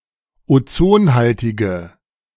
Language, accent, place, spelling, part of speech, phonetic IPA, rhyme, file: German, Germany, Berlin, ozonhaltige, adjective, [oˈt͡soːnˌhaltɪɡə], -oːnhaltɪɡə, De-ozonhaltige.ogg
- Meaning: inflection of ozonhaltig: 1. strong/mixed nominative/accusative feminine singular 2. strong nominative/accusative plural 3. weak nominative all-gender singular